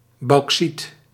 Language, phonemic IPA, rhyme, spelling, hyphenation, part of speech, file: Dutch, /bɑu̯kˈsit/, -it, bauxiet, bauxiet, noun, Nl-bauxiet.ogg
- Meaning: bauxite